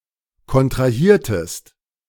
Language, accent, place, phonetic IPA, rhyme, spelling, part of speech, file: German, Germany, Berlin, [kɔntʁaˈhiːɐ̯təst], -iːɐ̯təst, kontrahiertest, verb, De-kontrahiertest.ogg
- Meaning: inflection of kontrahieren: 1. second-person singular preterite 2. second-person singular subjunctive II